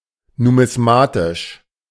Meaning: numismatic
- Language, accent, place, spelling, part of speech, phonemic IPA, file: German, Germany, Berlin, numismatisch, adjective, /numɪsˈmaːtɪʃ/, De-numismatisch.ogg